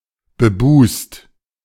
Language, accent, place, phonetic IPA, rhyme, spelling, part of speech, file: German, Germany, Berlin, [bəˈbuːst], -uːst, bebust, adjective, De-bebust.ogg
- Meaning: bosomed